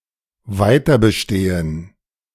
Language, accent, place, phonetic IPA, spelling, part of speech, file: German, Germany, Berlin, [ˈvaɪ̯tɐ bəˌʃteːən], weiter bestehen, verb, De-weiter bestehen.ogg
- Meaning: to persist, to linger, to survive